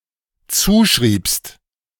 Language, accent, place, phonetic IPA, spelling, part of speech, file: German, Germany, Berlin, [ˈt͡suːʃʁiːpst], zuschriebst, verb, De-zuschriebst.ogg
- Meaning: second-person singular dependent preterite of zuschreiben